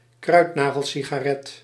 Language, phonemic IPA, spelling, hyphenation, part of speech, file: Dutch, /ˈkrœy̯t.naː.ɣəl.si.ɣaːˌrɛt/, kruidnagelsigaret, kruid‧na‧gel‧si‧ga‧ret, noun, Nl-kruidnagelsigaret.ogg
- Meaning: a kretek